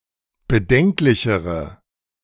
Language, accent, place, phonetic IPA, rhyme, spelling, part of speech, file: German, Germany, Berlin, [bəˈdɛŋklɪçəʁə], -ɛŋklɪçəʁə, bedenklichere, adjective, De-bedenklichere.ogg
- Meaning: inflection of bedenklich: 1. strong/mixed nominative/accusative feminine singular comparative degree 2. strong nominative/accusative plural comparative degree